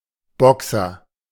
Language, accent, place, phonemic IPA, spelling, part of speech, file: German, Germany, Berlin, /ˈbɔksɐ/, Boxer, noun, De-Boxer.ogg
- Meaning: 1. boxer (fighter) 2. boxer (dog breed)